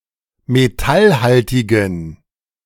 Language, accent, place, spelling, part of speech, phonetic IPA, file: German, Germany, Berlin, metallhaltigen, adjective, [meˈtalˌhaltɪɡn̩], De-metallhaltigen.ogg
- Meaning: inflection of metallhaltig: 1. strong genitive masculine/neuter singular 2. weak/mixed genitive/dative all-gender singular 3. strong/weak/mixed accusative masculine singular 4. strong dative plural